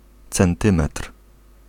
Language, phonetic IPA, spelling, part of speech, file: Polish, [t͡sɛ̃nˈtɨ̃mɛtr̥], centymetr, noun, Pl-centymetr.ogg